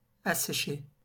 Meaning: to dry out; to dry
- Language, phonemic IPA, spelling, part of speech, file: French, /a.se.ʃe/, assécher, verb, LL-Q150 (fra)-assécher.wav